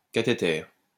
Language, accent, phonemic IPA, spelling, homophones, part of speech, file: French, France, /ka.te.tɛʁ/, cathéter, cathéters, noun, LL-Q150 (fra)-cathéter.wav
- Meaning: catheter